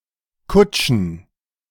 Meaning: plural of Kutsche
- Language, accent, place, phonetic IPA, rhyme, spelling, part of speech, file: German, Germany, Berlin, [ˈkʊt͡ʃn̩], -ʊt͡ʃn̩, Kutschen, noun, De-Kutschen.ogg